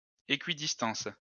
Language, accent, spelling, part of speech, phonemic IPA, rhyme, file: French, France, équidistance, noun, /e.ki.dis.tɑ̃s/, -ɑ̃s, LL-Q150 (fra)-équidistance.wav
- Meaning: equidistance